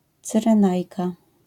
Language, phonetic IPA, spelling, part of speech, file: Polish, [ˌt͡sɨrɛ̃ˈnajka], Cyrenajka, proper noun, LL-Q809 (pol)-Cyrenajka.wav